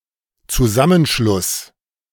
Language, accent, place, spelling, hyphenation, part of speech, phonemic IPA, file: German, Germany, Berlin, Zusammenschluss, Zu‧sam‧men‧schluss, noun, /t͡suˈzamənˌʃlʊs/, De-Zusammenschluss.ogg
- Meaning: union, federation, merger, amalgamation, alliance